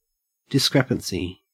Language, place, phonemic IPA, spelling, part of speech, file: English, Queensland, /dɪˈskɹepənsi/, discrepancy, noun, En-au-discrepancy.ogg
- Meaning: 1. An inconsistency between facts or sentiments 2. The state or quality of being discrepant